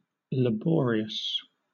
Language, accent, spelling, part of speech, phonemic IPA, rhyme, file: English, Southern England, laborious, adjective, /ləˈbɔːɹiəs/, -ɔːɹiəs, LL-Q1860 (eng)-laborious.wav
- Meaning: 1. Requiring much physical effort; toilsome 2. Mentally difficult; painstaking 3. Industrious